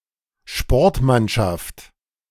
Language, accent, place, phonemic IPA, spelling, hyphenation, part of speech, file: German, Germany, Berlin, /ˈʃpɔɐ̯tmanʃaft/, Sportmannschaft, Sport‧mann‧schaft, noun, De-Sportmannschaft.ogg
- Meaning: sports team